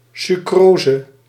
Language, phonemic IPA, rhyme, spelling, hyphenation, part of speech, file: Dutch, /syˈkroːzə/, -oːzə, sucrose, su‧cro‧se, noun, Nl-sucrose.ogg
- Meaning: sucrose